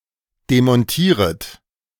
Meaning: second-person plural subjunctive I of demontieren
- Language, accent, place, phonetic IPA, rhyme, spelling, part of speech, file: German, Germany, Berlin, [demɔnˈtiːʁət], -iːʁət, demontieret, verb, De-demontieret.ogg